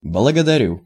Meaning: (interjection) thanks! (conversational); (verb) first-person singular present indicative imperfective of благодари́ть (blagodarítʹ)
- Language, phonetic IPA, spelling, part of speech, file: Russian, [bɫəɡədɐˈrʲu], благодарю, interjection / verb, Ru-благодарю.ogg